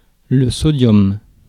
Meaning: sodium
- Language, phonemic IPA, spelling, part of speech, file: French, /sɔ.djɔm/, sodium, noun, Fr-sodium.ogg